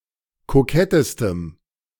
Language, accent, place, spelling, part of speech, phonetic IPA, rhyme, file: German, Germany, Berlin, kokettestem, adjective, [koˈkɛtəstəm], -ɛtəstəm, De-kokettestem.ogg
- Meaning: strong dative masculine/neuter singular superlative degree of kokett